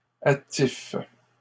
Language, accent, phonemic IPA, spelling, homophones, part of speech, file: French, Canada, /a.tif/, attifes, attife / attifent, verb, LL-Q150 (fra)-attifes.wav
- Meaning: second-person singular present indicative/subjunctive of attifer